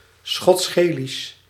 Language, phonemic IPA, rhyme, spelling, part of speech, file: Dutch, /ˌsxɔtsˈɣeː.lis/, -eːlis, Schots-Gaelisch, proper noun, Nl-Schots-Gaelisch.ogg
- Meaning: Scottish Gaelic (the Gaelic language of Scotland)